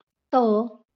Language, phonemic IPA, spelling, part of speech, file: Marathi, /t̪ə/, त, character, LL-Q1571 (mar)-त.wav
- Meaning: The fifteenth consonant in Marathi